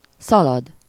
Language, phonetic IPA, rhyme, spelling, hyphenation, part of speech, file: Hungarian, [ˈsɒlɒd], -ɒd, szalad, sza‧lad, verb, Hu-szalad.ogg
- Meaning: to run